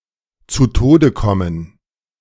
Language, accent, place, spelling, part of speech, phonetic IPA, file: German, Germany, Berlin, zu Tode kommen, phrase, [t͡suː ˈtoːdə ˈkɔmən], De-zu Tode kommen.ogg
- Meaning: to lose one's life